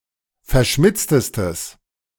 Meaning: strong/mixed nominative/accusative neuter singular superlative degree of verschmitzt
- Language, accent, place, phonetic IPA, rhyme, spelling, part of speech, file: German, Germany, Berlin, [fɛɐ̯ˈʃmɪt͡stəstəs], -ɪt͡stəstəs, verschmitztestes, adjective, De-verschmitztestes.ogg